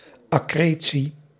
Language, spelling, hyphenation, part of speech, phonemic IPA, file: Dutch, accretie, ac‧cre‧tie, noun, /ˌɑˈkreː.(t)si/, Nl-accretie.ogg
- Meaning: accretion